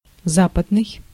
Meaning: 1. Western 2. West
- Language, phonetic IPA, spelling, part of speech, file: Russian, [ˈzapədnɨj], западный, adjective, Ru-западный.ogg